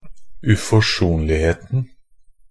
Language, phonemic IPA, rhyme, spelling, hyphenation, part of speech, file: Norwegian Bokmål, /ʉfɔˈʂuːnlɪheːtn̩/, -eːtn̩, uforsonligheten, u‧fors‧on‧lig‧het‧en, noun, Nb-uforsonligheten.ogg
- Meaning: definite singular of uforsonlighet